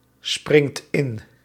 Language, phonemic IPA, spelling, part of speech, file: Dutch, /ˈsprɪŋt ˈɪn/, springt in, verb, Nl-springt in.ogg
- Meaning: inflection of inspringen: 1. second/third-person singular present indicative 2. plural imperative